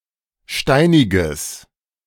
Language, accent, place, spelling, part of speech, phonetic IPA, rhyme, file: German, Germany, Berlin, steiniges, adjective, [ˈʃtaɪ̯nɪɡəs], -aɪ̯nɪɡəs, De-steiniges.ogg
- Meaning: strong/mixed nominative/accusative neuter singular of steinig